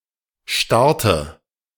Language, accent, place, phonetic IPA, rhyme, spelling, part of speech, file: German, Germany, Berlin, [ˈʃtaʁtə], -aʁtə, Starte, noun, De-Starte.ogg
- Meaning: nominative/accusative/genitive plural of Start